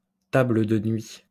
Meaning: nightstand, bedside table
- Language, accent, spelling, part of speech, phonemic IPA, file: French, France, table de nuit, noun, /ta.blə də nɥi/, LL-Q150 (fra)-table de nuit.wav